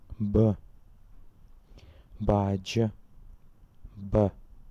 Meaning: 1. The name of the Cyrillic script letter Б/б 2. den 3. haunt 4. nest
- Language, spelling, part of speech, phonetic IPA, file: Adyghe, бы, noun, [bəː], Adygheб.ogg